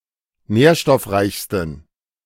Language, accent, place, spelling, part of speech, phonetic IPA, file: German, Germany, Berlin, nährstoffreichsten, adjective, [ˈnɛːɐ̯ʃtɔfˌʁaɪ̯çstn̩], De-nährstoffreichsten.ogg
- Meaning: 1. superlative degree of nährstoffreich 2. inflection of nährstoffreich: strong genitive masculine/neuter singular superlative degree